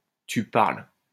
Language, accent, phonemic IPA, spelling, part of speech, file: French, France, /ty paʁl/, tu parles, interjection, LL-Q150 (fra)-tu parles.wav
- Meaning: you must be joking!, yeah right! (expresses incredulity)